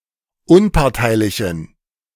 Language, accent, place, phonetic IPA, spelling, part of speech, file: German, Germany, Berlin, [ˈʊnpaʁtaɪ̯lɪçn̩], unparteilichen, adjective, De-unparteilichen.ogg
- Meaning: inflection of unparteilich: 1. strong genitive masculine/neuter singular 2. weak/mixed genitive/dative all-gender singular 3. strong/weak/mixed accusative masculine singular 4. strong dative plural